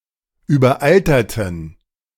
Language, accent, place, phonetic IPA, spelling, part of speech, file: German, Germany, Berlin, [yːbɐˈʔaltɐtn̩], überalterten, adjective / verb, De-überalterten.ogg
- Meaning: inflection of überaltert: 1. strong genitive masculine/neuter singular 2. weak/mixed genitive/dative all-gender singular 3. strong/weak/mixed accusative masculine singular 4. strong dative plural